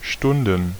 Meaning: plural of Stunde
- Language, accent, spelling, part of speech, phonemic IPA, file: German, Germany, Stunden, noun, /ˈʃtʊndən/, De-Stunden.ogg